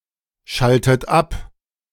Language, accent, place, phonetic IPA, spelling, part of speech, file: German, Germany, Berlin, [ˌʃaltət ˈap], schaltet ab, verb, De-schaltet ab.ogg
- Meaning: inflection of abschalten: 1. third-person singular present 2. second-person plural present 3. second-person plural subjunctive I 4. plural imperative